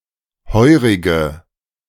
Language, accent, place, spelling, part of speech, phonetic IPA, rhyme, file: German, Germany, Berlin, heurige, adjective, [ˈhɔɪ̯ʁɪɡə], -ɔɪ̯ʁɪɡə, De-heurige.ogg
- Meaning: inflection of heurig: 1. strong/mixed nominative/accusative feminine singular 2. strong nominative/accusative plural 3. weak nominative all-gender singular 4. weak accusative feminine/neuter singular